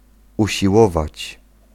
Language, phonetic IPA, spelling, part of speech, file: Polish, [ˌuɕiˈwɔvat͡ɕ], usiłować, verb, Pl-usiłować.ogg